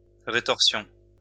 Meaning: retorsion
- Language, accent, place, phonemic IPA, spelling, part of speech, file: French, France, Lyon, /ʁe.tɔʁ.sjɔ̃/, rétorsion, noun, LL-Q150 (fra)-rétorsion.wav